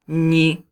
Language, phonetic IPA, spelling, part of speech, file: Polish, [ɲi], ni, conjunction / noun / particle / pronoun, Pl-ni.ogg